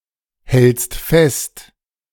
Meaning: second-person singular present of festhalten
- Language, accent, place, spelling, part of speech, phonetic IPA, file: German, Germany, Berlin, hältst fest, verb, [ˌhɛlt͡st ˈfɛst], De-hältst fest.ogg